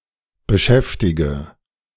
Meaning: inflection of beschäftigen: 1. first-person singular present 2. first/third-person singular subjunctive I 3. singular imperative
- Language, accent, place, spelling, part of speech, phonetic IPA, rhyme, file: German, Germany, Berlin, beschäftige, verb, [bəˈʃɛftɪɡə], -ɛftɪɡə, De-beschäftige.ogg